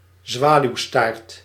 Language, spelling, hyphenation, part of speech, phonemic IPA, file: Dutch, zwaluwstaart, zwa‧luw‧staart, noun, /ˈzʋaː.lyu̯ˌstaːrt/, Nl-zwaluwstaart.ogg
- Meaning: 1. a dovetail (type of joint in woodworking) 2. a swallow's forked tail, swallowtail 3. synonym of koninginnenpage (“swallowtail”) (Papilio machaon)